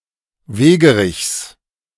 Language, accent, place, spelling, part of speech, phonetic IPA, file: German, Germany, Berlin, Wegerichs, noun, [ˈveːɡəˌʁɪçs], De-Wegerichs.ogg
- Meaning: genitive singular of Wegerich